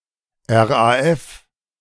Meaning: initialism of Rote Armee Fraktion (“Red Army Faction, German far-left terrorist organisation active 1970–1998”)
- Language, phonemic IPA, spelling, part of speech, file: German, /ˌɛʁ.aˈɛf/, RAF, proper noun, De-RAF.ogg